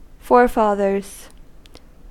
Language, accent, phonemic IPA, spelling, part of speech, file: English, US, /ˈfɔɹˌfɑːðɚz/, forefathers, noun, En-us-forefathers.ogg
- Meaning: plural of forefather